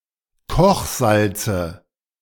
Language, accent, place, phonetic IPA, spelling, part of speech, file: German, Germany, Berlin, [ˈkɔxˌzalt͡sə], Kochsalze, noun, De-Kochsalze.ogg
- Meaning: dative singular of Kochsalz